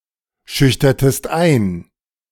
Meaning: inflection of einschüchtern: 1. second-person singular preterite 2. second-person singular subjunctive II
- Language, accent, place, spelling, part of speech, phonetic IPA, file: German, Germany, Berlin, schüchtertest ein, verb, [ˌʃʏçtɐtəst ˈaɪ̯n], De-schüchtertest ein.ogg